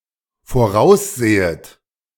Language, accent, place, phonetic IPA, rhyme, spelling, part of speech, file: German, Germany, Berlin, [foˈʁaʊ̯sˌzeːət], -aʊ̯szeːət, voraussehet, verb, De-voraussehet.ogg
- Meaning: second-person plural dependent subjunctive I of voraussehen